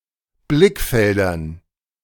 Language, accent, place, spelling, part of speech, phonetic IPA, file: German, Germany, Berlin, Blickfeldern, noun, [ˈblɪkˌfɛldɐn], De-Blickfeldern.ogg
- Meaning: dative plural of Blickfeld